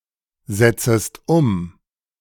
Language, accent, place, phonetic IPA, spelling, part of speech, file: German, Germany, Berlin, [ˌzɛt͡səst ˈʊm], setzest um, verb, De-setzest um.ogg
- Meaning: second-person singular subjunctive I of umsetzen